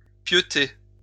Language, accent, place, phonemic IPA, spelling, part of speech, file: French, France, Lyon, /pjø.te/, pieuter, verb, LL-Q150 (fra)-pieuter.wav
- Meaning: 1. to sleep (in bed) 2. to go to bed; to crash out, hit the hay